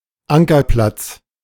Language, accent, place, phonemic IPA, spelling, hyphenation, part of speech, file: German, Germany, Berlin, /ˈʔaŋkɐˌplats/, Ankerplatz, An‧ker‧platz, noun, De-Ankerplatz.ogg
- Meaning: anchorage